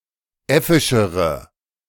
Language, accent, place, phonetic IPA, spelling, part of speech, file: German, Germany, Berlin, [ˈɛfɪʃəʁə], äffischere, adjective, De-äffischere.ogg
- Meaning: inflection of äffisch: 1. strong/mixed nominative/accusative feminine singular comparative degree 2. strong nominative/accusative plural comparative degree